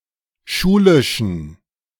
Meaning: inflection of schulisch: 1. strong genitive masculine/neuter singular 2. weak/mixed genitive/dative all-gender singular 3. strong/weak/mixed accusative masculine singular 4. strong dative plural
- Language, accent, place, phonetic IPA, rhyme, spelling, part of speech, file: German, Germany, Berlin, [ˈʃuːlɪʃn̩], -uːlɪʃn̩, schulischen, adjective, De-schulischen.ogg